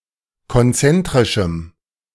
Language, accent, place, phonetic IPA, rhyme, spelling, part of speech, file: German, Germany, Berlin, [kɔnˈt͡sɛntʁɪʃm̩], -ɛntʁɪʃm̩, konzentrischem, adjective, De-konzentrischem.ogg
- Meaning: strong dative masculine/neuter singular of konzentrisch